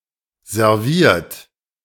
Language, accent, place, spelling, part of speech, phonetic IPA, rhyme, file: German, Germany, Berlin, serviert, verb, [zɛʁˈviːɐ̯t], -iːɐ̯t, De-serviert.ogg
- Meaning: 1. past participle of servieren 2. inflection of servieren: third-person singular present 3. inflection of servieren: second-person plural present 4. inflection of servieren: plural imperative